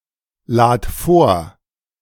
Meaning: singular imperative of vorladen
- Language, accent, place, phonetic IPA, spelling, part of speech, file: German, Germany, Berlin, [ˌlaːt ˈfoːɐ̯], lad vor, verb, De-lad vor.ogg